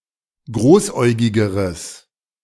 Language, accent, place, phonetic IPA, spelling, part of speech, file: German, Germany, Berlin, [ˈɡʁoːsˌʔɔɪ̯ɡɪɡəʁəs], großäugigeres, adjective, De-großäugigeres.ogg
- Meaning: strong/mixed nominative/accusative neuter singular comparative degree of großäugig